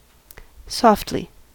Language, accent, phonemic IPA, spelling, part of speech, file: English, US, /ˈsɔftli/, softly, adverb, En-us-softly.ogg
- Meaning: 1. In a soft manner; gently 2. Not loudly; nearly inaudibly 3. With subdued color; faded or misty with distance